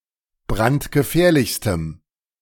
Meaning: strong dative masculine/neuter singular superlative degree of brandgefährlich
- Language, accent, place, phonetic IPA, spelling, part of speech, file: German, Germany, Berlin, [ˈbʁantɡəˌfɛːɐ̯lɪçstəm], brandgefährlichstem, adjective, De-brandgefährlichstem.ogg